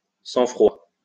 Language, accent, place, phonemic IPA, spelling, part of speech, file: French, France, Lyon, /sɑ̃.fʁwa/, sang-froid, noun, LL-Q150 (fra)-sang-froid.wav
- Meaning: sang-froid, calmness, calm